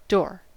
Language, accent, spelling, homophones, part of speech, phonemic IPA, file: English, US, door, dough / d'or / daw, noun / verb, /doɹ/, En-us-door.ogg